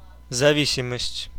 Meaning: 1. dependence 2. addiction
- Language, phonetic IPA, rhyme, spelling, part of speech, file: Russian, [zɐˈvʲisʲɪməsʲtʲ], -isʲɪməsʲtʲ, зависимость, noun, Ru-зависимость.ogg